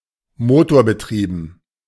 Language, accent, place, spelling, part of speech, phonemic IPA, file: German, Germany, Berlin, motorbetrieben, adjective, /ˈmoːtoːɐ̯bəˌtʁiːbn̩/, De-motorbetrieben.ogg
- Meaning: motorized